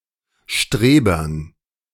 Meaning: dative plural of Streber
- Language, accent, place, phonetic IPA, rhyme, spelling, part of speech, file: German, Germany, Berlin, [ˈʃtʁeːbɐn], -eːbɐn, Strebern, noun, De-Strebern.ogg